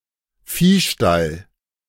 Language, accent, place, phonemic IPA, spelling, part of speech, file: German, Germany, Berlin, /ˈfiːˌʃtal/, Viehstall, noun, De-Viehstall.ogg
- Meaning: cowshed, cattle shed